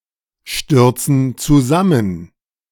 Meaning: inflection of zusammenstürzen: 1. first/third-person plural present 2. first/third-person plural subjunctive I
- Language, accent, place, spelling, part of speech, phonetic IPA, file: German, Germany, Berlin, stürzen zusammen, verb, [ˌʃtʏʁt͡sn̩ t͡suˈzamən], De-stürzen zusammen.ogg